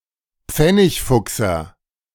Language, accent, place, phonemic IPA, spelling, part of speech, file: German, Germany, Berlin, /ˈp͡fɛnɪçˌfʊksɐ/, Pfennigfuchser, noun, De-Pfennigfuchser.ogg
- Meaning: penny pincher